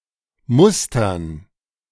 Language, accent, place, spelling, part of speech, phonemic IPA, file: German, Germany, Berlin, Mustern, noun, /ˈmʊstɐn/, De-Mustern.ogg
- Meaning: dative plural of Muster